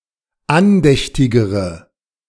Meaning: inflection of andächtig: 1. strong/mixed nominative/accusative feminine singular comparative degree 2. strong nominative/accusative plural comparative degree
- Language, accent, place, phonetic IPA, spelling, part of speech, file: German, Germany, Berlin, [ˈanˌdɛçtɪɡəʁə], andächtigere, adjective, De-andächtigere.ogg